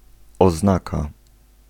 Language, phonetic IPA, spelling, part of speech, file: Polish, [ɔzˈnaka], oznaka, noun, Pl-oznaka.ogg